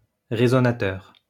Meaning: resonator
- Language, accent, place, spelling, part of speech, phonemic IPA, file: French, France, Lyon, résonateur, noun, /ʁe.zɔ.na.tœʁ/, LL-Q150 (fra)-résonateur.wav